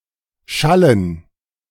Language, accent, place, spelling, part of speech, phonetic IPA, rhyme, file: German, Germany, Berlin, Schallen, noun, [ˈʃalən], -alən, De-Schallen.ogg
- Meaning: dative plural of Schall